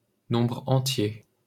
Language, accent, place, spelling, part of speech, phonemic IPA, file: French, France, Paris, nombre entier, noun, /nɔ̃.bʁ‿ɑ̃.tje/, LL-Q150 (fra)-nombre entier.wav
- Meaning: whole number